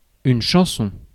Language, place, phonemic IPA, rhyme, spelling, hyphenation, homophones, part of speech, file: French, Paris, /ʃɑ̃.sɔ̃/, -ɔ̃, chanson, chan‧son, chansons, noun, Fr-chanson.ogg
- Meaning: song